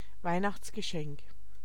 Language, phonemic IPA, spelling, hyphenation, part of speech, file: German, /ˈvaɪ̯naxt͡sɡəˌʃɛŋk/, Weihnachtsgeschenk, Weih‧nachts‧ge‧schenk, noun, De-Weihnachtsgeschenk.ogg
- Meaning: Christmas present